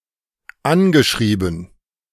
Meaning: past participle of anschreiben
- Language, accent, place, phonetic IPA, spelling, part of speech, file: German, Germany, Berlin, [ˈanɡəˌʃʁiːbn̩], angeschrieben, verb, De-angeschrieben.ogg